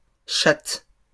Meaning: plural of chatte
- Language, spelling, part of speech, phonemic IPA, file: French, chattes, noun, /ʃat/, LL-Q150 (fra)-chattes.wav